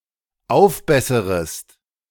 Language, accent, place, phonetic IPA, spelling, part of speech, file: German, Germany, Berlin, [ˈaʊ̯fˌbɛsəʁəst], aufbesserest, verb, De-aufbesserest.ogg
- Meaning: second-person singular dependent subjunctive I of aufbessern